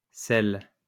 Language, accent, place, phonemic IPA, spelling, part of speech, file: French, France, Lyon, /sɛl/, selles, noun, LL-Q150 (fra)-selles.wav
- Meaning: 1. plural of selle 2. Stool, feces